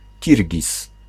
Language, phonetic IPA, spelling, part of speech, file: Polish, [ˈcirʲɟis], Kirgiz, noun, Pl-Kirgiz.ogg